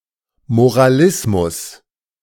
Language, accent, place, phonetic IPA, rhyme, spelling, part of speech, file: German, Germany, Berlin, [moʁaˈlɪsmʊs], -ɪsmʊs, Moralismus, noun, De-Moralismus.ogg
- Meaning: moralism